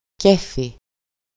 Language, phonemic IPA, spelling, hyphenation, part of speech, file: Greek, /ˈcefi/, κέφι, κέ‧φι, noun, EL-κέφι.ogg
- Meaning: 1. high spirits, good humour, gaiety, merriness, merriment 2. good mood, disposition 3. good condition (of health), in form 4. fun